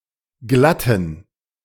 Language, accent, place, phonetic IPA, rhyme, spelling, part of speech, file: German, Germany, Berlin, [ˈɡlatn̩], -atn̩, glatten, adjective, De-glatten.ogg
- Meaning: inflection of glatt: 1. strong genitive masculine/neuter singular 2. weak/mixed genitive/dative all-gender singular 3. strong/weak/mixed accusative masculine singular 4. strong dative plural